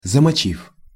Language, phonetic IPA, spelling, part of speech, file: Russian, [zəmɐˈt͡ɕif], замочив, verb, Ru-замочив.ogg
- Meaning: short past adverbial perfective participle of замочи́ть (zamočítʹ)